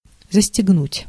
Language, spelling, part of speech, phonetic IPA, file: Russian, застегнуть, verb, [zəsʲtʲɪɡˈnutʲ], Ru-застегнуть.ogg
- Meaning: to buckle up, to zip up, to button up, to fasten